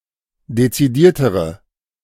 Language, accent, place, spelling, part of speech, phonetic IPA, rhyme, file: German, Germany, Berlin, dezidiertere, adjective, [det͡siˈdiːɐ̯təʁə], -iːɐ̯təʁə, De-dezidiertere.ogg
- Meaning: inflection of dezidiert: 1. strong/mixed nominative/accusative feminine singular comparative degree 2. strong nominative/accusative plural comparative degree